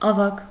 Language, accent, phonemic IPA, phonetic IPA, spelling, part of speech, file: Armenian, Eastern Armenian, /ɑˈvɑkʰ/, [ɑvɑ́kʰ], ավագ, adjective / noun, Hy-ավագ.ogg
- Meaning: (adjective) 1. older, elder, senior 2. chief, senior 3. main, principal, first; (noun) 1. elder 2. captain 3. a rank in the Armenian Armed Forces equivalent to Russian старшина́ (staršiná)